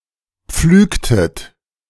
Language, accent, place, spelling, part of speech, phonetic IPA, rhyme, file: German, Germany, Berlin, pflügtet, verb, [ˈp͡flyːktət], -yːktət, De-pflügtet.ogg
- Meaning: inflection of pflügen: 1. second-person plural preterite 2. second-person plural subjunctive II